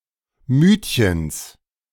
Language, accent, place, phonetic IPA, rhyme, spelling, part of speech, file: German, Germany, Berlin, [ˈmyːtçəns], -yːtçəns, Mütchens, noun, De-Mütchens.ogg
- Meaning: genitive singular of Mütchen